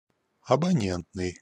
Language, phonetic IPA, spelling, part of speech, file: Russian, [ɐbɐˈnʲentnɨj], абонентный, adjective, Ru-абонентный.ogg
- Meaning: subscriber; subscriber's